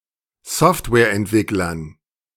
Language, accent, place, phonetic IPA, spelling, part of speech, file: German, Germany, Berlin, [ˈsɔftvɛːɐ̯ʔɛntˌvɪklɐn], Softwareentwicklern, noun, De-Softwareentwicklern.ogg
- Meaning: dative plural of Softwareentwickler